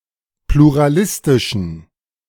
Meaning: inflection of pluralistisch: 1. strong genitive masculine/neuter singular 2. weak/mixed genitive/dative all-gender singular 3. strong/weak/mixed accusative masculine singular 4. strong dative plural
- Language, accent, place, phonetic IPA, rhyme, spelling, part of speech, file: German, Germany, Berlin, [pluʁaˈlɪstɪʃn̩], -ɪstɪʃn̩, pluralistischen, adjective, De-pluralistischen.ogg